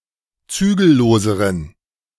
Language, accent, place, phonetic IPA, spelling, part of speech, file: German, Germany, Berlin, [ˈt͡syːɡl̩ˌloːzəʁən], zügelloseren, adjective, De-zügelloseren.ogg
- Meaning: inflection of zügellos: 1. strong genitive masculine/neuter singular comparative degree 2. weak/mixed genitive/dative all-gender singular comparative degree